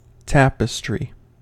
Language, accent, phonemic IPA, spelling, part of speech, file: English, US, /ˈtæpəstɹi/, tapestry, noun / verb, En-us-tapestry.ogg
- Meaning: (noun) 1. A heavy woven cloth, often with decorative pictorial designs, normally hung on walls 2. Anything with variegated or complex details